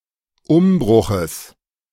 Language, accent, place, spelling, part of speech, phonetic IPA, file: German, Germany, Berlin, Umbruches, noun, [ˈʊmˌbʁʊxəs], De-Umbruches.ogg
- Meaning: genitive singular of Umbruch